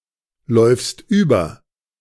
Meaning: second-person singular present of überlaufen
- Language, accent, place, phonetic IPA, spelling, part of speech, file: German, Germany, Berlin, [ˌlɔɪ̯fst ˈyːbɐ], läufst über, verb, De-läufst über.ogg